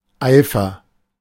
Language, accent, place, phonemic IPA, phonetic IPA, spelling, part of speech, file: German, Germany, Berlin, /ˈaɪ̯fər/, [ˈʔaɪ̯.fɐ], Eifer, noun, De-Eifer.ogg
- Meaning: zeal, eagerness, alacrity